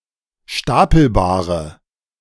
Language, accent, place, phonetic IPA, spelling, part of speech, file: German, Germany, Berlin, [ˈʃtapl̩baːʁə], stapelbare, adjective, De-stapelbare.ogg
- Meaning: inflection of stapelbar: 1. strong/mixed nominative/accusative feminine singular 2. strong nominative/accusative plural 3. weak nominative all-gender singular